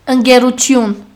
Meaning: 1. friendship 2. company, corporation
- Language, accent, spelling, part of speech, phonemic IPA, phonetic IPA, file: Armenian, Western Armenian, ընկերություն, noun, /ənɡeɾuˈtʏn/, [əŋɡeɾutʰʏ́n], HyW-ընկերություն.ogg